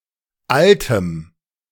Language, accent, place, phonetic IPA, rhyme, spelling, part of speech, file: German, Germany, Berlin, [ˈaltəm], -altəm, altem, adjective, De-altem.ogg
- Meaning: strong dative masculine/neuter singular of alt